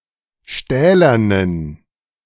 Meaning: inflection of stählern: 1. strong genitive masculine/neuter singular 2. weak/mixed genitive/dative all-gender singular 3. strong/weak/mixed accusative masculine singular 4. strong dative plural
- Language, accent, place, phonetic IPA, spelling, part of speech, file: German, Germany, Berlin, [ˈʃtɛːlɐnən], stählernen, adjective, De-stählernen.ogg